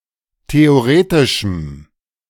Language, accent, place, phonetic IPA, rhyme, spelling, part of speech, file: German, Germany, Berlin, [teoˈʁeːtɪʃm̩], -eːtɪʃm̩, theoretischem, adjective, De-theoretischem.ogg
- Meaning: strong dative masculine/neuter singular of theoretisch